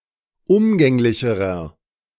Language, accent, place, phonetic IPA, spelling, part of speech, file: German, Germany, Berlin, [ˈʊmɡɛŋlɪçəʁɐ], umgänglicherer, adjective, De-umgänglicherer.ogg
- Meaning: inflection of umgänglich: 1. strong/mixed nominative masculine singular comparative degree 2. strong genitive/dative feminine singular comparative degree 3. strong genitive plural comparative degree